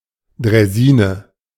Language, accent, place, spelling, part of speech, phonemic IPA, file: German, Germany, Berlin, Draisine, noun, /dʁaɪ̯ˈziːnə/, De-Draisine.ogg
- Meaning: 1. draisine (rail vehicle) 2. hobby horse, draisienne (early bicycle)